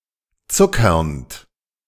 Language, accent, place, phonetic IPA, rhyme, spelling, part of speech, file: German, Germany, Berlin, [ˈt͡sʊkɐnt], -ʊkɐnt, zuckernd, verb, De-zuckernd.ogg
- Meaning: present participle of zuckern